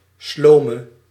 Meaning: inflection of sloom: 1. masculine/feminine singular attributive 2. definite neuter singular attributive 3. plural attributive
- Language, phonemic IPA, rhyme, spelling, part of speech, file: Dutch, /ˈsloː.mə/, -oːmə, slome, adjective, Nl-slome.ogg